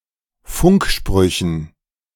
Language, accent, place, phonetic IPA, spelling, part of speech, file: German, Germany, Berlin, [ˈfʊŋkˌʃpʁʏçn̩], Funksprüchen, noun, De-Funksprüchen.ogg
- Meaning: dative plural of Funkspruch